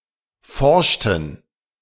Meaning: inflection of forschen: 1. first/third-person plural preterite 2. first/third-person plural subjunctive II
- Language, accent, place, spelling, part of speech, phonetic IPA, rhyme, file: German, Germany, Berlin, forschten, verb, [ˈfɔʁʃtn̩], -ɔʁʃtn̩, De-forschten.ogg